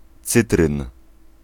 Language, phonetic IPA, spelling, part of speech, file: Polish, [ˈt͡sɨtrɨ̃n], cytryn, noun, Pl-cytryn.ogg